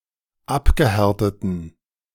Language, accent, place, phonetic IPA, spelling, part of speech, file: German, Germany, Berlin, [ˈapɡəˌhɛʁtətn̩], abgehärteten, adjective, De-abgehärteten.ogg
- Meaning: inflection of abgehärtet: 1. strong genitive masculine/neuter singular 2. weak/mixed genitive/dative all-gender singular 3. strong/weak/mixed accusative masculine singular 4. strong dative plural